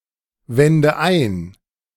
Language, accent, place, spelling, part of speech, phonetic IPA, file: German, Germany, Berlin, wende ein, verb, [ˌvɛndə ˈaɪ̯n], De-wende ein.ogg
- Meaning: inflection of einwenden: 1. first-person singular present 2. first/third-person singular subjunctive I 3. singular imperative